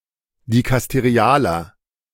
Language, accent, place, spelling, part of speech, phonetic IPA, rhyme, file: German, Germany, Berlin, dikasterialer, adjective, [dikasteˈʁi̯aːlɐ], -aːlɐ, De-dikasterialer.ogg
- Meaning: inflection of dikasterial: 1. strong/mixed nominative masculine singular 2. strong genitive/dative feminine singular 3. strong genitive plural